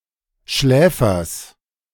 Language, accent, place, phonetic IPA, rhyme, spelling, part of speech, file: German, Germany, Berlin, [ˈʃlɛːfɐs], -ɛːfɐs, Schläfers, noun, De-Schläfers.ogg
- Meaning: genitive singular of Schläfer